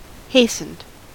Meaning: simple past and past participle of hasten
- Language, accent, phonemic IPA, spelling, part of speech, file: English, US, /ˈheɪsn̩d/, hastened, verb, En-us-hastened.ogg